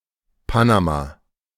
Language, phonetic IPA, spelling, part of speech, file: German, [ˈpanaˌmaː], Panama, proper noun, De-Panama.oga
- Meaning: Panama (a country in Central America)